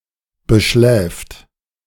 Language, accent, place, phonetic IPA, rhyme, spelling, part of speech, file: German, Germany, Berlin, [bəˈʃlɛːft], -ɛːft, beschläft, verb, De-beschläft.ogg
- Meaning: third-person singular present of beschlafen